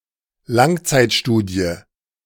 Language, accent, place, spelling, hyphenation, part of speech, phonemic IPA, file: German, Germany, Berlin, Langzeitstudie, Lang‧zeit‧stu‧die, noun, /ˈlaŋt͡saɪ̯tˌʃtuːdi̯ə/, De-Langzeitstudie.ogg
- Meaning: long-term study